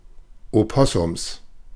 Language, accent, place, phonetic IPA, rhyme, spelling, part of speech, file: German, Germany, Berlin, [oˈpɔsʊms], -ɔsʊms, Opossums, noun, De-Opossums.ogg
- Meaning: plural of Opossum